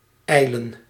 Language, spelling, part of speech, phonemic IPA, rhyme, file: Dutch, ijlen, verb, /ˈɛi̯.lən/, -ɛi̯lən, Nl-ijlen.ogg
- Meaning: 1. to rave, babble, maunder (speak quickly and incoherently as if one were delirious or mad) 2. to hasten, hurry, rush